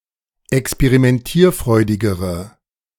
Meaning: inflection of experimentierfreudig: 1. strong/mixed nominative/accusative feminine singular comparative degree 2. strong nominative/accusative plural comparative degree
- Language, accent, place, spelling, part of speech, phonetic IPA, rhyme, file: German, Germany, Berlin, experimentierfreudigere, adjective, [ɛkspeʁimɛnˈtiːɐ̯ˌfʁɔɪ̯dɪɡəʁə], -iːɐ̯fʁɔɪ̯dɪɡəʁə, De-experimentierfreudigere.ogg